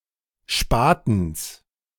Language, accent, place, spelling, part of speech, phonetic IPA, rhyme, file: German, Germany, Berlin, Spatens, noun, [ˈʃpaːtn̩s], -aːtn̩s, De-Spatens.ogg
- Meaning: genitive singular of Spaten